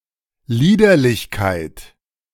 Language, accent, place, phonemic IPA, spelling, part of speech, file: German, Germany, Berlin, /ˈliːdɐlɪçˌkaɪ̯t/, Liederlichkeit, noun, De-Liederlichkeit.ogg
- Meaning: dissoluteness, licentiousness